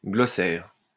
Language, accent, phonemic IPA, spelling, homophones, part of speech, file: French, France, /ɡlɔ.sɛʁ/, glossaire, glossaires, noun, LL-Q150 (fra)-glossaire.wav
- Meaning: glossary (list of words with their definitions)